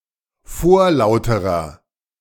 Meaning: inflection of vorlaut: 1. strong/mixed nominative masculine singular comparative degree 2. strong genitive/dative feminine singular comparative degree 3. strong genitive plural comparative degree
- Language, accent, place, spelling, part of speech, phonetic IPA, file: German, Germany, Berlin, vorlauterer, adjective, [ˈfoːɐ̯ˌlaʊ̯təʁɐ], De-vorlauterer.ogg